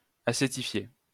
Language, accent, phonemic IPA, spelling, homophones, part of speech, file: French, France, /a.se.ti.fje/, acétifier, acétifiai / acétifié / acétifiée / acétifiées / acétifiés / acétifiez, verb, LL-Q150 (fra)-acétifier.wav
- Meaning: to acetify